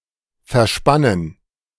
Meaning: 1. to tense up 2. to brace
- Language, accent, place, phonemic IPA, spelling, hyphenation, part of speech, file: German, Germany, Berlin, /fɛɐ̯ˈʃpanən/, verspannen, ver‧span‧nen, verb, De-verspannen.ogg